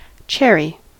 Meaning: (noun) 1. A small fruit, usually red, black or yellow, with a smooth hard seed and a short hard stem 2. Prunus subg. Cerasus, trees or shrubs that bear cherries 3. The wood of a cherry tree
- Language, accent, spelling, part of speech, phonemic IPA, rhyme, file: English, US, cherry, noun / adjective / verb, /ˈt͡ʃɛɹi/, -ɛɹi, En-us-cherry.ogg